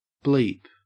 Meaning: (noun) 1. A brief high-pitched sound, as from some electronic device 2. A general euphemism for any expletive
- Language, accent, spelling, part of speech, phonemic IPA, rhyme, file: English, Australia, bleep, noun / verb, /ˈbliːp/, -iːp, En-au-bleep.ogg